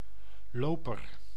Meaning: 1. runner 2. somebody who walks 3. a carpet 4. bishop 5. master key 6. message runner, messager who runs on foot 7. shoot from the roots of a plant
- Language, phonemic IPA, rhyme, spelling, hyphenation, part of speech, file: Dutch, /ˈloː.pər/, -oːpər, loper, lo‧per, noun, Nl-loper.ogg